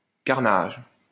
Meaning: carnage (all senses)
- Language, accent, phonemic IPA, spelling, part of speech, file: French, France, /kaʁ.naʒ/, carnage, noun, LL-Q150 (fra)-carnage.wav